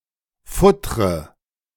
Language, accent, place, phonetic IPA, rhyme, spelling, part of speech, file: German, Germany, Berlin, [ˈfʊtʁə], -ʊtʁə, futtre, verb, De-futtre.ogg
- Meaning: inflection of futtern: 1. first-person singular present 2. first/third-person singular subjunctive I 3. singular imperative